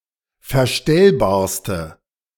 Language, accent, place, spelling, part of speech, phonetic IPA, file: German, Germany, Berlin, verstellbarste, adjective, [fɛɐ̯ˈʃtɛlbaːɐ̯stə], De-verstellbarste.ogg
- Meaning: inflection of verstellbar: 1. strong/mixed nominative/accusative feminine singular superlative degree 2. strong nominative/accusative plural superlative degree